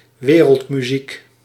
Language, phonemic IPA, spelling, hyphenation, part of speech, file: Dutch, /ˈʋeː.rəlt.myˌzik/, wereldmuziek, we‧reld‧mu‧ziek, noun, Nl-wereldmuziek.ogg
- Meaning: 1. world music (blend of pop and traditional music) 2. music of the spheres